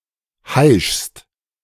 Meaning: second-person singular present of heischen
- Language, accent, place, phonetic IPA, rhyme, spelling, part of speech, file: German, Germany, Berlin, [haɪ̯ʃst], -aɪ̯ʃst, heischst, verb, De-heischst.ogg